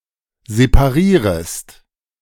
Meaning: second-person singular subjunctive I of separieren
- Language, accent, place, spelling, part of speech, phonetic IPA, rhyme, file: German, Germany, Berlin, separierest, verb, [zepaˈʁiːʁəst], -iːʁəst, De-separierest.ogg